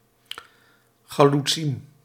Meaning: plural of chaloets
- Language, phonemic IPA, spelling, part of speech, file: Dutch, /xaluˈtsim/, chaloetsiem, noun, Nl-chaloetsiem.ogg